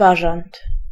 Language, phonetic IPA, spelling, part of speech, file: Polish, [ˈbaʒãnt], bażant, noun, Pl-bażant.ogg